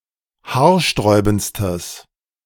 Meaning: strong/mixed nominative/accusative neuter singular superlative degree of haarsträubend
- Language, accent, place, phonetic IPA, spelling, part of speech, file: German, Germany, Berlin, [ˈhaːɐ̯ˌʃtʁɔɪ̯bn̩t͡stəs], haarsträubendstes, adjective, De-haarsträubendstes.ogg